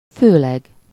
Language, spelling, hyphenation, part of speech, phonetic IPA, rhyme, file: Hungarian, főleg, fő‧leg, adverb, [ˈføːlɛɡ], -ɛɡ, Hu-főleg.ogg
- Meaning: chiefly, mainly